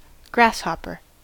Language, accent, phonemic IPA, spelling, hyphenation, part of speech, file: English, US, /ˈɡɹæsˌhɑpəɹ/, grasshopper, grass‧hop‧per, noun / verb, En-us-grasshopper.ogg